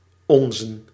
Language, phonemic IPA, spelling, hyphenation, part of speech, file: Dutch, /ɔn.zə(n)/, onzen, on‧zen, pronoun / determiner / noun, Nl-onzen.ogg
- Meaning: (pronoun) personal plural of onze; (determiner) 1. accusative/dative masculine of ons 2. dative neuter/plural of ons; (noun) plural of ons